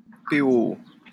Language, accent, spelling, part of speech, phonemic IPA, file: French, France, POO, noun, /pe.o.o/, LL-Q150 (fra)-POO.wav
- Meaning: initialism of programmation orientée objet (OOP)